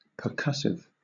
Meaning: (adjective) Characterized by percussion; caused by or related to the action of striking or pounding something
- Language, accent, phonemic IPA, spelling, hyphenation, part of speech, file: English, Southern England, /pəˈkʌsɪv/, percussive, per‧cuss‧ive, adjective / noun, LL-Q1860 (eng)-percussive.wav